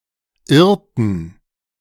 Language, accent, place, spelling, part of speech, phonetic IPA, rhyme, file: German, Germany, Berlin, irrten, verb, [ˈɪʁtn̩], -ɪʁtn̩, De-irrten.ogg
- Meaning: inflection of irren: 1. first/third-person plural preterite 2. first/third-person plural subjunctive II